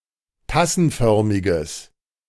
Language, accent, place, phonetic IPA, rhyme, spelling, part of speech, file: German, Germany, Berlin, [ˈtasn̩ˌfœʁmɪɡəs], -asn̩fœʁmɪɡəs, tassenförmiges, adjective, De-tassenförmiges.ogg
- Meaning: strong/mixed nominative/accusative neuter singular of tassenförmig